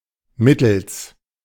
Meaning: by means of
- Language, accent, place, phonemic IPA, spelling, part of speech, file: German, Germany, Berlin, /ˈmɪtl̩s/, mittels, preposition, De-mittels.ogg